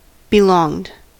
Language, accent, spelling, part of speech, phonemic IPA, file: English, US, belonged, verb, /bɪˈlɔŋd/, En-us-belonged.ogg
- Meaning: simple past and past participle of belong